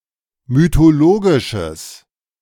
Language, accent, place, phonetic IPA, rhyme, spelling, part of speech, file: German, Germany, Berlin, [mytoˈloːɡɪʃəs], -oːɡɪʃəs, mythologisches, adjective, De-mythologisches.ogg
- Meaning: strong/mixed nominative/accusative neuter singular of mythologisch